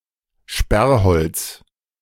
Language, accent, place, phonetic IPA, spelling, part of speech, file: German, Germany, Berlin, [ˈʃpɛʁˌhɔlt͡s], Sperrholz, noun, De-Sperrholz.ogg
- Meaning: plywood